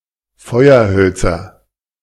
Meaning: nominative/accusative/genitive plural of Feuerholz
- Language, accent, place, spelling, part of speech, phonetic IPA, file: German, Germany, Berlin, Feuerhölzer, noun, [ˈfɔɪ̯ɐˌhœlt͡sɐ], De-Feuerhölzer.ogg